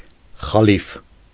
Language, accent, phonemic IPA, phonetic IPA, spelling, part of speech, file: Armenian, Eastern Armenian, /χɑˈlif/, [χɑlíf], խալիֆ, noun, Hy-խալիֆ.ogg
- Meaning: caliph